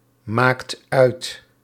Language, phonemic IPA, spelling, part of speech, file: Dutch, /ˈmakt ˈœyt/, maakt uit, verb, Nl-maakt uit.ogg
- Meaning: inflection of uitmaken: 1. second/third-person singular present indicative 2. plural imperative